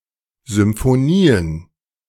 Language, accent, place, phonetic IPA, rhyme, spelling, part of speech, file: German, Germany, Berlin, [zʏmfoˈniːən], -iːən, Symphonien, noun, De-Symphonien.ogg
- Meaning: plural of Symphonie